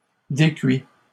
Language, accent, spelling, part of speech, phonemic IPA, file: French, Canada, décuits, verb, /de.kɥi/, LL-Q150 (fra)-décuits.wav
- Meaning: masculine plural of décuit